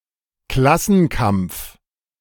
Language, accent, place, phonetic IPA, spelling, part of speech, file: German, Germany, Berlin, [ˈklasn̩ˌkamp͡f], Klassenkampf, noun, De-Klassenkampf.ogg
- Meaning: class struggle